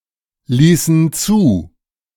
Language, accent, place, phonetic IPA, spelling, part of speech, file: German, Germany, Berlin, [ˌliːsn̩ ˈt͡suː], ließen zu, verb, De-ließen zu.ogg
- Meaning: inflection of zulassen: 1. first/third-person plural preterite 2. first/third-person plural subjunctive II